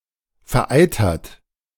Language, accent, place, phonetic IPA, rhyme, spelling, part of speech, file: German, Germany, Berlin, [fɛɐ̯ˈʔaɪ̯tɐtə], -aɪ̯tɐtə, vereiterte, adjective / verb, De-vereiterte.ogg
- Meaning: inflection of vereitert: 1. strong/mixed nominative/accusative feminine singular 2. strong nominative/accusative plural 3. weak nominative all-gender singular